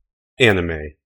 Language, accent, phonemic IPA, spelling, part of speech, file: English, US, /ˈæn.ɪ.meɪ/, anime, noun, En-us-anime.ogg
- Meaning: An animated work that originated in Japan, regardless of the artistic style